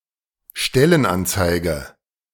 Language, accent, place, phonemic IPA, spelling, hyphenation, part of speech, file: German, Germany, Berlin, /ˈʃtɛlənˌʔant͡saɪ̯ɡə/, Stellenanzeige, Stel‧len‧an‧zei‧ge, noun, De-Stellenanzeige.ogg
- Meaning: job advertisement